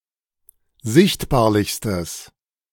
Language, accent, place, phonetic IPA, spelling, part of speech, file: German, Germany, Berlin, [ˈzɪçtbaːɐ̯lɪçstəs], sichtbarlichstes, adjective, De-sichtbarlichstes.ogg
- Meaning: strong/mixed nominative/accusative neuter singular superlative degree of sichtbarlich